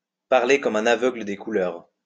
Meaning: to talk through one's hat, to speak about an issue one doesn't understand
- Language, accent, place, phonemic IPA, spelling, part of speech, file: French, France, Lyon, /paʁ.le kɔm œ̃.n‿a.vœ.ɡlə de ku.lœʁ/, parler comme un aveugle des couleurs, adverb, LL-Q150 (fra)-parler comme un aveugle des couleurs.wav